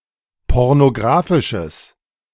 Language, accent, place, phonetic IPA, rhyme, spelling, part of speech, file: German, Germany, Berlin, [ˌpɔʁnoˈɡʁaːfɪʃəs], -aːfɪʃəs, pornographisches, adjective, De-pornographisches.ogg
- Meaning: strong/mixed nominative/accusative neuter singular of pornographisch